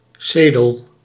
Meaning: dated form of ceel
- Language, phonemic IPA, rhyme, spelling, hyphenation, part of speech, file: Dutch, /ˈseː.dəl/, -eːdəl, cedel, ce‧del, noun, Nl-cedel.ogg